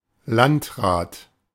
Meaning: 1. district / county council 2. chief administrative officer of a district
- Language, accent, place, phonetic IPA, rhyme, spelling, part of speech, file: German, Germany, Berlin, [ˈlantˌʁaːt], -antʁaːt, Landrat, noun, De-Landrat.ogg